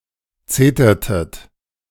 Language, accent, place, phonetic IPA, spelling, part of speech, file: German, Germany, Berlin, [ˈt͡seːtɐtət], zetertet, verb, De-zetertet.ogg
- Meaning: inflection of zetern: 1. second-person plural preterite 2. second-person plural subjunctive II